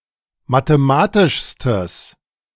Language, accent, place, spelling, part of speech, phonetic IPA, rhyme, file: German, Germany, Berlin, mathematischstes, adjective, [mateˈmaːtɪʃstəs], -aːtɪʃstəs, De-mathematischstes.ogg
- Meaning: strong/mixed nominative/accusative neuter singular superlative degree of mathematisch